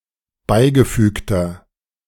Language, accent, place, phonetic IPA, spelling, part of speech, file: German, Germany, Berlin, [ˈbaɪ̯ɡəˌfyːktɐ], beigefügter, adjective, De-beigefügter.ogg
- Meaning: inflection of beigefügt: 1. strong/mixed nominative masculine singular 2. strong genitive/dative feminine singular 3. strong genitive plural